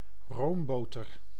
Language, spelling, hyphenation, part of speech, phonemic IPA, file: Dutch, roomboter, room‧bo‧ter, noun, /ˈroːmˌboː.tər/, Nl-roomboter.ogg
- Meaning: butter, made by churning the cream of milk